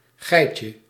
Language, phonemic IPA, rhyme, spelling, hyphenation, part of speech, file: Dutch, /ˈɣɛi̯.tjə/, -ɛi̯tjə, geitje, gei‧tje, noun, Nl-geitje.ogg
- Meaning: 1. diminutive of geit 2. diminutive of gei